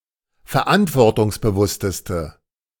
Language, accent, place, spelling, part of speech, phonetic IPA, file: German, Germany, Berlin, verantwortungsbewussteste, adjective, [fɛɐ̯ˈʔantvɔʁtʊŋsbəˌvʊstəstə], De-verantwortungsbewussteste.ogg
- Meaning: inflection of verantwortungsbewusst: 1. strong/mixed nominative/accusative feminine singular superlative degree 2. strong nominative/accusative plural superlative degree